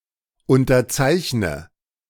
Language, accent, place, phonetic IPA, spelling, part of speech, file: German, Germany, Berlin, [ˌʊntɐˈt͡saɪ̯çnə], unterzeichne, verb, De-unterzeichne.ogg
- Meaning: inflection of unterzeichnen: 1. first-person singular present 2. first/third-person singular subjunctive I 3. singular imperative